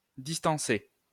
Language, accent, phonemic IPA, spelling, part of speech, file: French, France, /dis.tɑ̃.se/, distancer, verb, LL-Q150 (fra)-distancer.wav
- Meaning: to distance, outdistance